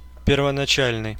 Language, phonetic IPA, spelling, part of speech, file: Russian, [pʲɪrvənɐˈt͡ɕælʲnɨj], первоначальный, adjective, Ru-первоначальный.ogg
- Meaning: 1. initial, original 2. elementary 3. primary